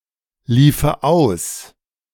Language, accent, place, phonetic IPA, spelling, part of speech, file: German, Germany, Berlin, [ˌliːfə ˈaʊ̯s], liefe aus, verb, De-liefe aus.ogg
- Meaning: first/third-person singular subjunctive II of auslaufen